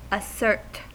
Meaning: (verb) 1. To declare with assurance or plainly and strongly; to state positively 2. To use or exercise and thereby prove the existence of
- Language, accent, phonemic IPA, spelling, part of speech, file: English, US, /əˈsɝt/, assert, verb / noun, En-us-assert.ogg